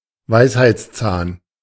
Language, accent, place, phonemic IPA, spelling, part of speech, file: German, Germany, Berlin, /ˈvaɪ̯shaɪ̯tsˌt͡saːn/, Weisheitszahn, noun, De-Weisheitszahn.ogg
- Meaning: wisdom tooth (rearmost molar in humans)